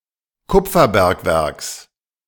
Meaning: genitive singular of Kupferbergwerk
- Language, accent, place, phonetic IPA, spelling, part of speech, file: German, Germany, Berlin, [ˈkʊp͡fɐˌbɛʁkvɛʁks], Kupferbergwerks, noun, De-Kupferbergwerks.ogg